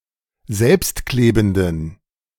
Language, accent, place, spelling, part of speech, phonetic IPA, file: German, Germany, Berlin, selbstklebenden, adjective, [ˈzɛlpstˌkleːbn̩dən], De-selbstklebenden.ogg
- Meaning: inflection of selbstklebend: 1. strong genitive masculine/neuter singular 2. weak/mixed genitive/dative all-gender singular 3. strong/weak/mixed accusative masculine singular 4. strong dative plural